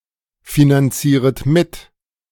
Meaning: second-person plural subjunctive I of mitfinanzieren
- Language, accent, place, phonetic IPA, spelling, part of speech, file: German, Germany, Berlin, [finanˌt͡siːʁət ˈmɪt], finanzieret mit, verb, De-finanzieret mit.ogg